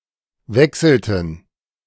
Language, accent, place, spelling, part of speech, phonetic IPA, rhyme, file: German, Germany, Berlin, wechselten, verb, [ˈvɛksl̩tn̩], -ɛksl̩tn̩, De-wechselten.ogg
- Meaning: inflection of wechseln: 1. first/third-person plural preterite 2. first/third-person plural subjunctive II